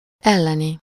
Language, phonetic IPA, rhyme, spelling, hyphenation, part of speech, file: Hungarian, [ˈɛlːɛni], -ni, elleni, el‧le‧ni, adjective / verb, Hu-elleni.ogg
- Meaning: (adjective) anti-, against (preceding a noun); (verb) infinitive of ellik